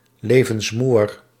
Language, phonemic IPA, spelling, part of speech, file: Dutch, /ˌlevənsˈmuwər/, levensmoeër, adjective, Nl-levensmoeër.ogg
- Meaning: comparative degree of levensmoe